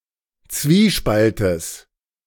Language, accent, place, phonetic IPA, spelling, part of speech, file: German, Germany, Berlin, [ˈt͡sviːˌʃpaltəs], Zwiespaltes, noun, De-Zwiespaltes.ogg
- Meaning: genitive of Zwiespalt